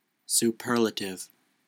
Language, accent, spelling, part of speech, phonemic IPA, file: English, US, superlative, adjective / noun, /suˈpɝlətɪv/, En-us-superlative.ogg
- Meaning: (adjective) 1. Having the power to carry something or someone above, over or beyond others 2. Exceptionally good; of the highest quality